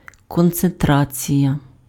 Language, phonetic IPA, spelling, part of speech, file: Ukrainian, [kɔnt͡senˈtrat͡sʲijɐ], концентрація, noun, Uk-концентрація.ogg
- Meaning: 1. concentration (focus) 2. concentration (proportion of a substance in a whole)